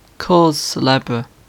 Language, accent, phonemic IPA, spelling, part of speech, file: English, UK, /ˈkɔːz sɛˈlɛbɹ(ə)/, cause célèbre, noun, En-uk-cause célèbre.ogg
- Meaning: An issue or incident (originally, a legal case) arousing widespread controversy or public debate